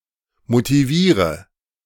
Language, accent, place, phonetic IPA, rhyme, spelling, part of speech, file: German, Germany, Berlin, [motiˈviːʁə], -iːʁə, motiviere, verb, De-motiviere.ogg
- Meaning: inflection of motivieren: 1. first-person singular present 2. first/third-person singular subjunctive I 3. singular imperative